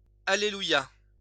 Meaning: hallelujah
- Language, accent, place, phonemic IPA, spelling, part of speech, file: French, France, Lyon, /a.le.lu.ja/, alléluia, interjection, LL-Q150 (fra)-alléluia.wav